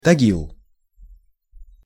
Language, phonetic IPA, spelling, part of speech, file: Russian, [tɐˈɡʲiɫ], Тагил, proper noun, Ru-Тагил.ogg
- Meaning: 1. Tagil (a river in Sverdlovsk Oblast, Russia) 2. Nizhny Tagil (a city in Sverdlovsk Oblast, Russia) 3. Verkhny Tagil (a town in Sverdlovsk Oblast, Russia) 4. type of Russian main battle tank